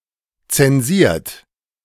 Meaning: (adjective) censored; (verb) 1. past participle of zensieren 2. inflection of zensieren: third-person singular present 3. inflection of zensieren: second-person plural present
- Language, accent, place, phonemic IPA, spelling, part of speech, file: German, Germany, Berlin, /ˌt͡sɛnˈziːɐ̯t/, zensiert, adjective / verb, De-zensiert.ogg